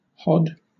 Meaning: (verb) To bob up and down on horseback, as an inexperienced rider may do; to jog
- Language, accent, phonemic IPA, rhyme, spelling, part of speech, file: English, Southern England, /hɒd/, -ɒd, hod, verb / noun, LL-Q1860 (eng)-hod.wav